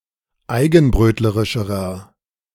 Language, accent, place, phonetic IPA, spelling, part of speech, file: German, Germany, Berlin, [ˈaɪ̯ɡn̩ˌbʁøːtləʁɪʃəʁɐ], eigenbrötlerischerer, adjective, De-eigenbrötlerischerer.ogg
- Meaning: inflection of eigenbrötlerisch: 1. strong/mixed nominative masculine singular comparative degree 2. strong genitive/dative feminine singular comparative degree